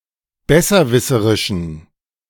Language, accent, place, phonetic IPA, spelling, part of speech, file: German, Germany, Berlin, [ˈbɛsɐˌvɪsəʁɪʃn̩], besserwisserischen, adjective, De-besserwisserischen.ogg
- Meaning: inflection of besserwisserisch: 1. strong genitive masculine/neuter singular 2. weak/mixed genitive/dative all-gender singular 3. strong/weak/mixed accusative masculine singular